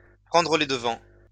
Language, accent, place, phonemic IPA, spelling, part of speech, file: French, France, Lyon, /pʁɑ̃.dʁə le d(ə).vɑ̃/, prendre les devants, verb, LL-Q150 (fra)-prendre les devants.wav
- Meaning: to initiate action, to take the initiative, to make the first move